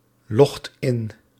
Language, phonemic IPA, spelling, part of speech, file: Dutch, /ˈlɔxt ˈɪn/, logt in, verb, Nl-logt in.ogg
- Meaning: inflection of inloggen: 1. second/third-person singular present indicative 2. plural imperative